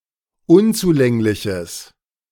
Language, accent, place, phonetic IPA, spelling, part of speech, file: German, Germany, Berlin, [ˈʊnt͡suˌlɛŋlɪçəs], unzulängliches, adjective, De-unzulängliches.ogg
- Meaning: strong/mixed nominative/accusative neuter singular of unzulänglich